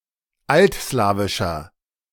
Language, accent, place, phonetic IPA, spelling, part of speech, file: German, Germany, Berlin, [ˈaltˌslaːvɪʃɐ], altslawischer, adjective, De-altslawischer.ogg
- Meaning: inflection of altslawisch: 1. strong/mixed nominative masculine singular 2. strong genitive/dative feminine singular 3. strong genitive plural